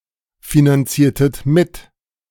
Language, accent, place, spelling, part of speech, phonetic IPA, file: German, Germany, Berlin, finanziertet mit, verb, [finanˌt͡siːɐ̯tət ˈmɪt], De-finanziertet mit.ogg
- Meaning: inflection of mitfinanzieren: 1. second-person plural preterite 2. second-person plural subjunctive II